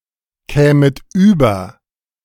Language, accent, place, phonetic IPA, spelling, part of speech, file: German, Germany, Berlin, [ˌkɛːmət ˈyːbɐ], kämet über, verb, De-kämet über.ogg
- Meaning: second-person plural subjunctive II of überkommen